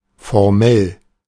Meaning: formal (official)
- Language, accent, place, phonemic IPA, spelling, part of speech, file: German, Germany, Berlin, /foʁˈmɛl/, formell, adjective, De-formell.ogg